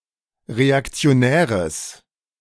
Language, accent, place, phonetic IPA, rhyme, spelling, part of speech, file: German, Germany, Berlin, [ʁeakt͡si̯oˈnɛːʁəs], -ɛːʁəs, reaktionäres, adjective, De-reaktionäres.ogg
- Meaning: strong/mixed nominative/accusative neuter singular of reaktionär